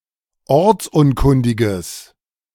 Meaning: strong/mixed nominative/accusative neuter singular of ortsunkundig
- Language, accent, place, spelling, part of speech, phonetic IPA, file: German, Germany, Berlin, ortsunkundiges, adjective, [ˈɔʁt͡sˌʔʊnkʊndɪɡəs], De-ortsunkundiges.ogg